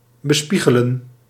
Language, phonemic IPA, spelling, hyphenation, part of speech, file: Dutch, /bəˈspi.ɣə.lə(n)/, bespiegelen, be‧spie‧ge‧len, verb, Nl-bespiegelen.ogg
- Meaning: to contemplate, to reflect on